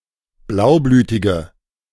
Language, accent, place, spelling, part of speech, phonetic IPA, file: German, Germany, Berlin, blaublütige, adjective, [ˈblaʊ̯ˌblyːtɪɡə], De-blaublütige.ogg
- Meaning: inflection of blaublütig: 1. strong/mixed nominative/accusative feminine singular 2. strong nominative/accusative plural 3. weak nominative all-gender singular